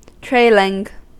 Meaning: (adjective) 1. That converge in the direction of travel 2. That follows behind; especially, that is attached and pulled behind; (verb) present participle and gerund of trail
- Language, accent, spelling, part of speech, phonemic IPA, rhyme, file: English, US, trailing, adjective / verb / noun, /ˈtɹeɪ.lɪŋ/, -eɪlɪŋ, En-us-trailing.ogg